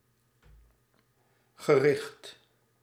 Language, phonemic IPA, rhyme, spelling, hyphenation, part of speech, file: Dutch, /ɣəˈrɪxt/, -ɪxt, gericht, ge‧richt, adjective / noun / verb, Nl-gericht.ogg
- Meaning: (adjective) targeted, focused; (noun) obsolete form of gerecht (“court of law”); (verb) past participle of richten